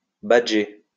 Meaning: to use an identity badge
- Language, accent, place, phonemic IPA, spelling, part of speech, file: French, France, Lyon, /ba.dʒe/, badger, verb, LL-Q150 (fra)-badger.wav